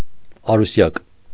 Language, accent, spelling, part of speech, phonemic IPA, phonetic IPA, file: Armenian, Eastern Armenian, Արուսյակ, proper noun, /ɑɾuˈsjɑk/, [ɑɾusjɑ́k], Hy-Արուսյակ.ogg
- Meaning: 1. Venus 2. a female given name, Arusyak, Arusiak, and Arusiag